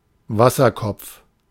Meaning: hydrocephalus
- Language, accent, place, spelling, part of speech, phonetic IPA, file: German, Germany, Berlin, Wasserkopf, noun, [ˈvasɐˌkɔp͡f], De-Wasserkopf.ogg